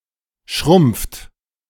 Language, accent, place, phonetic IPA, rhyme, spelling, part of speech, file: German, Germany, Berlin, [ʃʁʊmp͡ft], -ʊmp͡ft, schrumpft, verb, De-schrumpft.ogg
- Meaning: inflection of schrumpfen: 1. third-person singular present 2. second-person plural present 3. plural imperative